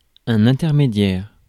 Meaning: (adjective) intermediate; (noun) intermediary
- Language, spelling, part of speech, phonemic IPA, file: French, intermédiaire, adjective / noun, /ɛ̃.tɛʁ.me.djɛʁ/, Fr-intermédiaire.ogg